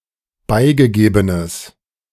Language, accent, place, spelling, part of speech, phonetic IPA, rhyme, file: German, Germany, Berlin, beigegebenes, adjective, [ˈbaɪ̯ɡəˌɡeːbənəs], -aɪ̯ɡəɡeːbənəs, De-beigegebenes.ogg
- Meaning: strong/mixed nominative/accusative neuter singular of beigegeben